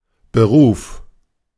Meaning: 1. occupation, profession, trade, job, career 2. vocation
- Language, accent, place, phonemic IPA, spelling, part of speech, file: German, Germany, Berlin, /bəˈʁuːf/, Beruf, noun, De-Beruf.ogg